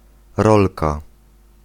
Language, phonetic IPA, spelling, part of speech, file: Polish, [ˈrɔlka], rolka, noun, Pl-rolka.ogg